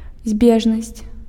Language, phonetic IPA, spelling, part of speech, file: Belarusian, [ˈzʲbʲeʐnasʲt͡sʲ], збежнасць, noun, Be-збежнасць.ogg
- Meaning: coincidence, convergence